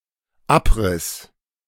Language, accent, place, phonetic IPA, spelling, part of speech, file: German, Germany, Berlin, [ˈapˌʁɪs], abriss, verb, De-abriss.ogg
- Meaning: first/third-person singular dependent preterite of abreißen